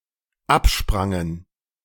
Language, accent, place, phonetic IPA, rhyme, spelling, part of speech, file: German, Germany, Berlin, [ˈapˌʃpʁaŋən], -apʃpʁaŋən, absprangen, verb, De-absprangen.ogg
- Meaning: first/third-person plural dependent preterite of abspringen